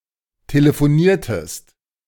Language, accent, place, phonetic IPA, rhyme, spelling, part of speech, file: German, Germany, Berlin, [teləfoˈniːɐ̯təst], -iːɐ̯təst, telefoniertest, verb, De-telefoniertest.ogg
- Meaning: inflection of telefonieren: 1. second-person singular preterite 2. second-person singular subjunctive II